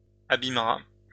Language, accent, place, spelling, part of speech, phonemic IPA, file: French, France, Lyon, abîmera, verb, /a.bim.ʁa/, LL-Q150 (fra)-abîmera.wav
- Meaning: third-person singular simple future of abîmer